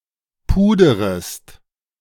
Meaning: second-person singular subjunctive I of pudern
- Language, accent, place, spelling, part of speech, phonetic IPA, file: German, Germany, Berlin, puderest, verb, [ˈpuːdəʁəst], De-puderest.ogg